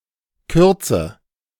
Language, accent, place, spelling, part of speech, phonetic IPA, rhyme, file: German, Germany, Berlin, kürze, verb, [ˈkʏʁt͡sə], -ʏʁt͡sə, De-kürze.ogg
- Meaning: inflection of kürzen: 1. first-person singular present 2. first/third-person singular subjunctive I 3. singular imperative